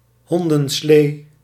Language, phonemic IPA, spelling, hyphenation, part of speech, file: Dutch, /ˈɦɔn.də(n)ˌsleː/, hondenslee, hon‧den‧slee, noun, Nl-hondenslee.ogg
- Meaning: dog sled, dog sleigh